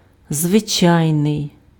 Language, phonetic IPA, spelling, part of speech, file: Ukrainian, [zʋeˈt͡ʃai̯nei̯], звичайний, adjective, Uk-звичайний.ogg
- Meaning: 1. customary, habitual 2. usual, ordinary, normal, common